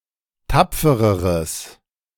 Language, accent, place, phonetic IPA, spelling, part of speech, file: German, Germany, Berlin, [ˈtap͡fəʁəʁəs], tapfereres, adjective, De-tapfereres.ogg
- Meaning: strong/mixed nominative/accusative neuter singular comparative degree of tapfer